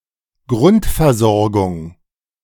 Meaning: primary care
- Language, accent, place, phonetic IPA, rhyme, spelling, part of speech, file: German, Germany, Berlin, [ˈɡʁʊntfɛɐ̯ˌzɔʁɡʊŋ], -ʊntfɛɐ̯zɔʁɡʊŋ, Grundversorgung, noun, De-Grundversorgung.ogg